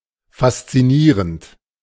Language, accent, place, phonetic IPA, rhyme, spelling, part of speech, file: German, Germany, Berlin, [fast͡siˈniːʁənt], -iːʁənt, faszinierend, adjective / verb, De-faszinierend.ogg
- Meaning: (verb) present participle of faszinieren; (adjective) fascinating